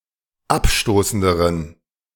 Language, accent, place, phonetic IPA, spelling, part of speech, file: German, Germany, Berlin, [ˈapˌʃtoːsn̩dəʁən], abstoßenderen, adjective, De-abstoßenderen.ogg
- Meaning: inflection of abstoßend: 1. strong genitive masculine/neuter singular comparative degree 2. weak/mixed genitive/dative all-gender singular comparative degree